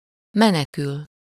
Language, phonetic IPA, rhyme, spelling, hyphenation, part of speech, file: Hungarian, [ˈmɛnɛkyl], -yl, menekül, me‧ne‧kül, verb, Hu-menekül.ogg
- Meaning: to flee, fly, run away, escape